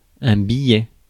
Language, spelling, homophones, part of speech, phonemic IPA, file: French, billet, biais, noun, /bi.jɛ/, Fr-billet.ogg
- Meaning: 1. note, a brief message 2. ticket 3. ellipsis of billet de banque (“banknote”)